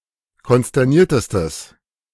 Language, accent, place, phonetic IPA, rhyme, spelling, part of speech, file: German, Germany, Berlin, [kɔnstɛʁˈniːɐ̯təstəs], -iːɐ̯təstəs, konsterniertestes, adjective, De-konsterniertestes.ogg
- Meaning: strong/mixed nominative/accusative neuter singular superlative degree of konsterniert